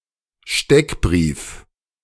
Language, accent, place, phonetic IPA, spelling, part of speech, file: German, Germany, Berlin, [ˈʃtɛkˌbʁiːf], Steckbrief, noun, De-Steckbrief.ogg
- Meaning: 1. profile 2. flier 3. poster (especially a wanted poster)